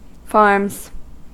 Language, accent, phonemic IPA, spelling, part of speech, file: English, US, /fɑɹmz/, farms, noun / verb, En-us-farms.ogg
- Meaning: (noun) plural of farm; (verb) third-person singular simple present indicative of farm